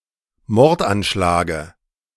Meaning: dative of Mordanschlag
- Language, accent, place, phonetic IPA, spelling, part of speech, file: German, Germany, Berlin, [ˈmɔʁtʔanˌʃlaːɡə], Mordanschlage, noun, De-Mordanschlage.ogg